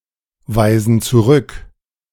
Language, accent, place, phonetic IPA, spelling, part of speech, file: German, Germany, Berlin, [ˌvaɪ̯zn̩ t͡suˈʁʏk], weisen zurück, verb, De-weisen zurück.ogg
- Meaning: inflection of zurückweisen: 1. first/third-person plural present 2. first/third-person plural subjunctive I